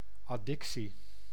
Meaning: addiction
- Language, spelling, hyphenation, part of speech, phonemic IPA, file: Dutch, addictie, ad‧dic‧tie, noun, /ˌɑˈdɪk.si/, Nl-addictie.ogg